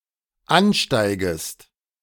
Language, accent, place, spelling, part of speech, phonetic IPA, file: German, Germany, Berlin, ansteigest, verb, [ˈanˌʃtaɪ̯ɡəst], De-ansteigest.ogg
- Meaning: second-person singular dependent subjunctive I of ansteigen